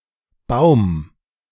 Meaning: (noun) 1. tree 2. boom; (proper noun) 1. a surname 2. a German Jewish surname
- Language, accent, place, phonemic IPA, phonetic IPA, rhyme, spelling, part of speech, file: German, Germany, Berlin, /baʊ̯m/, [baʊ̯m], -aʊ̯m, Baum, noun / proper noun, De-Baum2.ogg